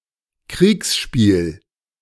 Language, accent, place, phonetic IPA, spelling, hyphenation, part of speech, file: German, Germany, Berlin, [ˈkʁiːksˌʃpiːl], Kriegsspiel, Kriegs‧spiel, noun, De-Kriegsspiel.ogg
- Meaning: war game